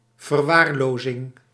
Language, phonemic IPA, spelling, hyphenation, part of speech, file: Dutch, /vərˈwarlozɪŋ/, verwaarlozing, ver‧waar‧lo‧zing, noun, Nl-verwaarlozing.ogg
- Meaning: negligence